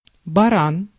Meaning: 1. ram (male domestic sheep) 2. sheep (an animal from the Ovis genus) 3. mule, donkey (a very stubborn and foolish person)
- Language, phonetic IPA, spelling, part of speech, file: Russian, [bɐˈran], баран, noun, Ru-баран.ogg